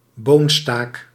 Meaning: alternative form of bonenstaak
- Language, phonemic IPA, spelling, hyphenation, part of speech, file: Dutch, /ˈboːn.staːk/, boonstaak, boon‧staak, noun, Nl-boonstaak.ogg